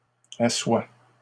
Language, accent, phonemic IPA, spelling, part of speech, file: French, Canada, /a.swa/, assoient, verb, LL-Q150 (fra)-assoient.wav
- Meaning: third-person plural present indicative/subjunctive of asseoir